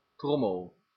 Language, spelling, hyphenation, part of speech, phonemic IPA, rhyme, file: Dutch, trommel, trom‧mel, noun / verb, /ˈtrɔ.məl/, -ɔməl, Nl-trommel.ogg
- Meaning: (noun) 1. drum, a type of percussion instrument 2. drum, various, often cylindrically shaped objects or components 3. cylinder (of a revolver) 4. a box to hold cookies in